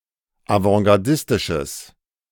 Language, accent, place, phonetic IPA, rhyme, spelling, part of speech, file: German, Germany, Berlin, [avɑ̃ɡaʁˈdɪstɪʃəs], -ɪstɪʃəs, avantgardistisches, adjective, De-avantgardistisches.ogg
- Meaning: strong/mixed nominative/accusative neuter singular of avantgardistisch